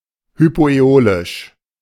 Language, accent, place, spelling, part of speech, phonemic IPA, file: German, Germany, Berlin, hypoäolisch, adjective, /hypoʔɛˈoːlɪʃ/, De-hypoäolisch.ogg
- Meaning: hypoaeolian